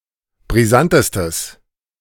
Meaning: strong/mixed nominative/accusative neuter singular superlative degree of brisant
- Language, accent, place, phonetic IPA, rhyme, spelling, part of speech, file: German, Germany, Berlin, [bʁiˈzantəstəs], -antəstəs, brisantestes, adjective, De-brisantestes.ogg